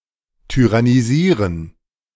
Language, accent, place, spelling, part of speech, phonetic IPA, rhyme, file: German, Germany, Berlin, tyrannisieren, verb, [tyʁaniˈziːʁən], -iːʁən, De-tyrannisieren.ogg
- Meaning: to tyrannize, to tyrannise